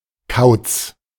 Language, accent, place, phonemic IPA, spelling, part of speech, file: German, Germany, Berlin, /kaʊ̯t͡s/, Kauz, noun, De-Kauz.ogg
- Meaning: 1. owl; (specifically) strigid 2. crank, odd fellow, codger